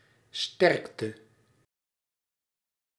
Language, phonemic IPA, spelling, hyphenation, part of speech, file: Dutch, /ˈstɛrk.tə/, sterkte, sterk‧te, noun / interjection / verb, Nl-sterkte.ogg
- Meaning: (noun) 1. strength 2. optical power, refractive power